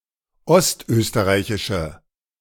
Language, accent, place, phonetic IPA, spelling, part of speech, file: German, Germany, Berlin, [ˈɔstˌʔøːstəʁaɪ̯çɪʃə], ostösterreichische, adjective, De-ostösterreichische.ogg
- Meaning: inflection of ostösterreichisch: 1. strong/mixed nominative/accusative feminine singular 2. strong nominative/accusative plural 3. weak nominative all-gender singular